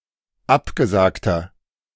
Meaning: inflection of abgesagt: 1. strong/mixed nominative masculine singular 2. strong genitive/dative feminine singular 3. strong genitive plural
- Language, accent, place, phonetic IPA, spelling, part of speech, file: German, Germany, Berlin, [ˈapɡəˌzaːktɐ], abgesagter, adjective, De-abgesagter.ogg